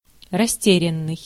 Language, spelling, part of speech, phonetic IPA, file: Russian, растерянный, verb / adjective, [rɐˈsʲtʲerʲɪn(ː)ɨj], Ru-растерянный.ogg
- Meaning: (verb) past passive perfective participle of растеря́ть (rasterjátʹ); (adjective) embarrassed, abashed (of a person; experiencing embarrassment)